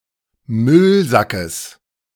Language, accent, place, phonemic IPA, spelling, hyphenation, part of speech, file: German, Germany, Berlin, /ˈmʏlzakəs/, Müllsackes, Müll‧sa‧ckes, noun, De-Müllsackes.ogg
- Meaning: genitive singular of Müllsack